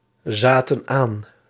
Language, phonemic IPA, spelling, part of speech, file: Dutch, /ˈzatə(n) ˈan/, zaten aan, verb, Nl-zaten aan.ogg
- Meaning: inflection of aanzitten: 1. plural past indicative 2. plural past subjunctive